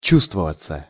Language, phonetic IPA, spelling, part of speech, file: Russian, [ˈt͡ɕustvəvət͡sə], чувствоваться, verb, Ru-чувствоваться.ogg
- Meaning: passive of чу́вствовать (čúvstvovatʹ): to be felt